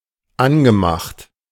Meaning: past participle of anmachen
- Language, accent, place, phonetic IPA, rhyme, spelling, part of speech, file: German, Germany, Berlin, [ˈanɡəˌmaxt], -anɡəmaxt, angemacht, verb, De-angemacht.ogg